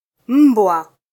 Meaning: dog
- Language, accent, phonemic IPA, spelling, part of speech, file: Swahili, Kenya, /ˈm̩.bʷɑ/, mbwa, noun, Sw-ke-mbwa.flac